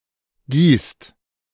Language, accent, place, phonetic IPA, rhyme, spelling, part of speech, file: German, Germany, Berlin, [ɡiːst], -iːst, gießt, verb, De-gießt.ogg
- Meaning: inflection of gießen: 1. second/third-person singular present 2. second-person plural present 3. plural imperative